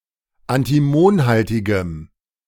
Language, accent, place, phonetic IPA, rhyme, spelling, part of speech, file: German, Germany, Berlin, [antiˈmoːnˌhaltɪɡəm], -oːnhaltɪɡəm, antimonhaltigem, adjective, De-antimonhaltigem.ogg
- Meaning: strong dative masculine/neuter singular of antimonhaltig